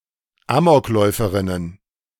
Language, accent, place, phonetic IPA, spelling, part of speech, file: German, Germany, Berlin, [ˈaːmɔkˌlɔɪ̯fəʁɪnən], Amokläuferinnen, noun, De-Amokläuferinnen.ogg
- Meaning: plural of Amokläuferin